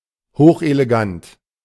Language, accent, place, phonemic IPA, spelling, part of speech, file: German, Germany, Berlin, /ˈhoːχʔeleˌɡant/, hochelegant, adjective, De-hochelegant.ogg
- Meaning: highly elegant